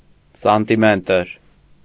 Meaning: centimetre
- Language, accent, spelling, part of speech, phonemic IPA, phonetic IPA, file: Armenian, Eastern Armenian, սանտիմետր, noun, /sɑntiˈmetəɾ/, [sɑntimétəɾ], Hy-սանտիմետր.ogg